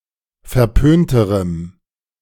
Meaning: strong dative masculine/neuter singular comparative degree of verpönt
- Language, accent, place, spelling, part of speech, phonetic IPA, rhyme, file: German, Germany, Berlin, verpönterem, adjective, [fɛɐ̯ˈpøːntəʁəm], -øːntəʁəm, De-verpönterem.ogg